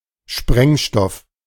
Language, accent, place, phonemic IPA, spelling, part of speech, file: German, Germany, Berlin, /ˈʃpʁɛŋˌʃtɔf/, Sprengstoff, noun, De-Sprengstoff.ogg
- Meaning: explosive